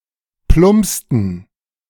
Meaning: inflection of plumpsen: 1. first/third-person plural preterite 2. first/third-person plural subjunctive II
- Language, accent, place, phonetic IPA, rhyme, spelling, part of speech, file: German, Germany, Berlin, [ˈplʊmpstn̩], -ʊmpstn̩, plumpsten, verb, De-plumpsten.ogg